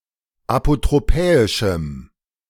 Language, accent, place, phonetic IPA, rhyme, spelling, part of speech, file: German, Germany, Berlin, [apotʁoˈpɛːɪʃm̩], -ɛːɪʃm̩, apotropäischem, adjective, De-apotropäischem.ogg
- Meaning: strong dative masculine/neuter singular of apotropäisch